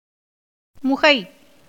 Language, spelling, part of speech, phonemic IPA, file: Tamil, முகை, noun, /mʊɡɐɪ̯/, Ta-முகை.ogg
- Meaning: 1. flower, bud 2. cave